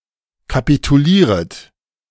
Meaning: second-person plural subjunctive I of kapitulieren
- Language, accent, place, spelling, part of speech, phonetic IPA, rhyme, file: German, Germany, Berlin, kapitulieret, verb, [kapituˈliːʁət], -iːʁət, De-kapitulieret.ogg